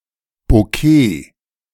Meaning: bokeh
- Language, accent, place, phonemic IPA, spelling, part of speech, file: German, Germany, Berlin, /bɔˈkeː/, Bokeh, noun, De-Bokeh.ogg